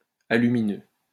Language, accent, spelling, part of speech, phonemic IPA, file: French, France, alumineux, adjective, /a.ly.mi.nø/, LL-Q150 (fra)-alumineux.wav
- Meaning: aluminous